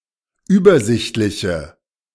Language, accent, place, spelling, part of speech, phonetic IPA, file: German, Germany, Berlin, übersichtliche, adjective, [ˈyːbɐˌzɪçtlɪçə], De-übersichtliche.ogg
- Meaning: inflection of übersichtlich: 1. strong/mixed nominative/accusative feminine singular 2. strong nominative/accusative plural 3. weak nominative all-gender singular